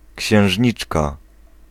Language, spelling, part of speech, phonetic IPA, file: Polish, księżniczka, noun, [cɕɛ̃w̃ʒʲˈɲit͡ʃka], Pl-księżniczka.ogg